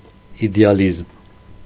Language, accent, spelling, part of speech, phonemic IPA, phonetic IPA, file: Armenian, Eastern Armenian, իդեալիզմ, noun, /ideɑˈlizm/, [ide(j)ɑlízm], Hy-իդեալիզմ.ogg
- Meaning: idealism